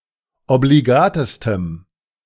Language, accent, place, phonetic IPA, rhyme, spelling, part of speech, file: German, Germany, Berlin, [obliˈɡaːtəstəm], -aːtəstəm, obligatestem, adjective, De-obligatestem.ogg
- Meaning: strong dative masculine/neuter singular superlative degree of obligat